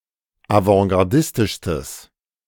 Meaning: strong/mixed nominative/accusative neuter singular superlative degree of avantgardistisch
- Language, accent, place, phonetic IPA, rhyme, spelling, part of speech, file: German, Germany, Berlin, [avɑ̃ɡaʁˈdɪstɪʃstəs], -ɪstɪʃstəs, avantgardistischstes, adjective, De-avantgardistischstes.ogg